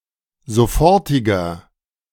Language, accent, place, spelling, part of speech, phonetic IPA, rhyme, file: German, Germany, Berlin, sofortiger, adjective, [zoˈfɔʁtɪɡɐ], -ɔʁtɪɡɐ, De-sofortiger.ogg
- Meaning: inflection of sofortig: 1. strong/mixed nominative masculine singular 2. strong genitive/dative feminine singular 3. strong genitive plural